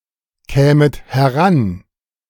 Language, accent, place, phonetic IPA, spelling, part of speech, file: German, Germany, Berlin, [ˌkɛːmət hɛˈʁan], kämet heran, verb, De-kämet heran.ogg
- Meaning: second-person plural subjunctive II of herankommen